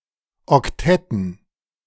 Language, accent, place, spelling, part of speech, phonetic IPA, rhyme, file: German, Germany, Berlin, Oktetten, noun, [ɔkˈtɛtn̩], -ɛtn̩, De-Oktetten.ogg
- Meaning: dative plural of Oktett